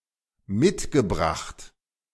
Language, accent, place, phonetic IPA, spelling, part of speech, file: German, Germany, Berlin, [ˈmɪtɡəˌbʁaxt], mitgebracht, verb, De-mitgebracht.ogg
- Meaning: past participle of mitbringen